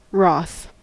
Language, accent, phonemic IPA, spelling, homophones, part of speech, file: English, US, /ɹɔθ/, wroth, wrath, adjective, En-us-wroth.ogg
- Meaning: Full of anger; wrathful